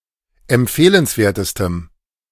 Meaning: strong dative masculine/neuter singular superlative degree of empfehlenswert
- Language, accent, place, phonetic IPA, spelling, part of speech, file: German, Germany, Berlin, [ɛmˈp͡feːlənsˌveːɐ̯təstəm], empfehlenswertestem, adjective, De-empfehlenswertestem.ogg